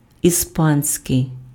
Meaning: Spanish
- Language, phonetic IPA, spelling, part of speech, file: Ukrainian, [iˈspanʲsʲkei̯], іспанський, adjective, Uk-іспанський.ogg